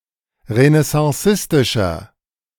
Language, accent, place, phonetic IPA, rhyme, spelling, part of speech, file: German, Germany, Berlin, [ʁənɛsɑ̃ˈsɪstɪʃɐ], -ɪstɪʃɐ, renaissancistischer, adjective, De-renaissancistischer.ogg
- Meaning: inflection of renaissancistisch: 1. strong/mixed nominative masculine singular 2. strong genitive/dative feminine singular 3. strong genitive plural